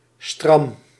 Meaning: stiff, rigid, inflexible
- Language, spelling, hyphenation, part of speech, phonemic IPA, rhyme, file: Dutch, stram, stram, adjective, /strɑm/, -ɑm, Nl-stram.ogg